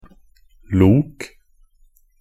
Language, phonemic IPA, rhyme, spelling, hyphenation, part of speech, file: Norwegian Bokmål, /luːk/, -uːk, lok, lok, noun / verb, Nb-lok.ogg
- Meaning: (noun) a loco (short for locomotive); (verb) imperative of loke